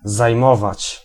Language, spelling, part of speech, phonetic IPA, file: Polish, zajmować, verb, [zajˈmɔvat͡ɕ], Pl-zajmować.ogg